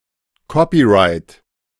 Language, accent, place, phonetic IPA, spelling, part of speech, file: German, Germany, Berlin, [ˈkɔpiˌʁaɪ̯t], Copyright, noun, De-Copyright.ogg
- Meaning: copyright